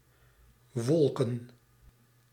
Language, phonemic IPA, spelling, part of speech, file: Dutch, /ˈʋɔlkə(n)/, wolken, noun, Nl-wolken.ogg
- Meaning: plural of wolk